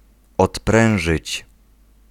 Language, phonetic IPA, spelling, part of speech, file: Polish, [ɔtˈprɛ̃w̃ʒɨt͡ɕ], odprężyć, verb, Pl-odprężyć.ogg